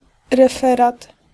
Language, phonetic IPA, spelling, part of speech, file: Polish, [rɛˈfɛrat], referat, noun, Pl-referat.ogg